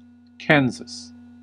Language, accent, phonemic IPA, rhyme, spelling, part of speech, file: English, US, /ˈkænzəs/, -ænzəs, Kansas, proper noun, En-us-Kansas.ogg
- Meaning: 1. A state of the midwest United States. Capital: Topeka. Largest city: Wichita 2. A river in northeast Kansas 3. Ellipsis of University of Kansas 4. A surname